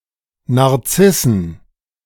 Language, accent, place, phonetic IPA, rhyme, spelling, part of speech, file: German, Germany, Berlin, [naʁˈt͡sɪsn̩], -ɪsn̩, Narzissen, noun, De-Narzissen.ogg
- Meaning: plural of Narzisse